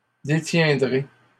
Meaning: first-person singular simple future of détenir
- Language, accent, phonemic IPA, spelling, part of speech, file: French, Canada, /de.tjɛ̃.dʁe/, détiendrai, verb, LL-Q150 (fra)-détiendrai.wav